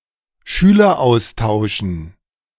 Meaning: dative plural of Schüleraustausch
- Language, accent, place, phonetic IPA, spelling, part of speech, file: German, Germany, Berlin, [ˈʃyːlɐˌʔaʊ̯staʊ̯ʃn̩], Schüleraustauschen, noun, De-Schüleraustauschen.ogg